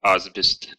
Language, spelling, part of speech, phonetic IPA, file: Russian, асбест, noun, [ɐzˈbʲest], Ru-а́сбест.ogg
- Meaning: asbestos